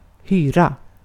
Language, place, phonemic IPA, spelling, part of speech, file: Swedish, Gotland, /²hyːra/, hyra, noun / verb, Sv-hyra.ogg
- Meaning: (noun) 1. a rent; what is paid in order to rent something 2. employment (as a sailor); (verb) rent (to occupy premises in exchange for rent)